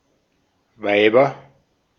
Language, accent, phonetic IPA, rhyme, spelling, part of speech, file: German, Austria, [ˈvaɪ̯bɐ], -aɪ̯bɐ, Weiber, noun, De-at-Weiber.ogg
- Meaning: nominative/accusative/genitive plural of Weib